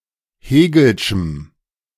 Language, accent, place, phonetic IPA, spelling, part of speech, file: German, Germany, Berlin, [ˈheːɡl̩ʃm̩], hegelschem, adjective, De-hegelschem.ogg
- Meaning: strong dative masculine/neuter singular of hegelsch